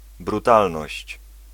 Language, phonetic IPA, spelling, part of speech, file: Polish, [bruˈtalnɔɕt͡ɕ], brutalność, noun, Pl-brutalność.ogg